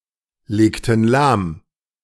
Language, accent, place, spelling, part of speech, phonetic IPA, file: German, Germany, Berlin, legten lahm, verb, [ˌleːktn̩ ˈlaːm], De-legten lahm.ogg
- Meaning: inflection of lahmlegen: 1. first/third-person plural preterite 2. first/third-person plural subjunctive II